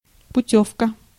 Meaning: 1. tourist voucher 2. waybill
- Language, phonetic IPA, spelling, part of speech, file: Russian, [pʊˈtʲɵfkə], путёвка, noun, Ru-путёвка.ogg